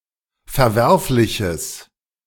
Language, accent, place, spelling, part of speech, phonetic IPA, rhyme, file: German, Germany, Berlin, verwerfliches, adjective, [fɛɐ̯ˈvɛʁflɪçəs], -ɛʁflɪçəs, De-verwerfliches.ogg
- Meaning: strong/mixed nominative/accusative neuter singular of verwerflich